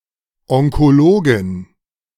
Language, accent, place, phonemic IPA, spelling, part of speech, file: German, Germany, Berlin, /ˌɔŋkoˈloːɡɪn/, Onkologin, noun, De-Onkologin.ogg
- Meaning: oncologist (female) (person who specialises in oncology)